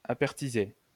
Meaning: to can (food)
- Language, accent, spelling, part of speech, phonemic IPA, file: French, France, appertiser, verb, /a.pɛʁ.ti.ze/, LL-Q150 (fra)-appertiser.wav